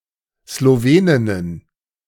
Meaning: plural of Slowenin
- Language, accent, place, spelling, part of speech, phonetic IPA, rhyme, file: German, Germany, Berlin, Sloweninnen, noun, [sloˈveːnɪnən], -eːnɪnən, De-Sloweninnen.ogg